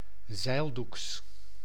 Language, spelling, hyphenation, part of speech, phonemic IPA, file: Dutch, zeildoeks, zeil‧doeks, adjective, /ˈzɛi̯l.duks/, Nl-zeildoeks.ogg
- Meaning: canvas